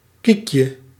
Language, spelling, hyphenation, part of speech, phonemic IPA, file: Dutch, kiekje, kiek‧je, noun, /ˈkik.jə/, Nl-kiekje.ogg
- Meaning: diminutive of kiek